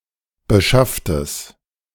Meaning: strong/mixed nominative/accusative neuter singular of beschafft
- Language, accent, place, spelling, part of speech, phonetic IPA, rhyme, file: German, Germany, Berlin, beschafftes, adjective, [bəˈʃaftəs], -aftəs, De-beschafftes.ogg